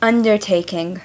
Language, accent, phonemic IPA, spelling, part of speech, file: English, US, /ˈʌndə(ɹ)ˌteɪkɪŋ/, undertaking, noun / verb, En-us-undertaking.ogg
- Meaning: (noun) 1. The business of an undertaker, or the management of funerals 2. A promise or pledge; a guarantee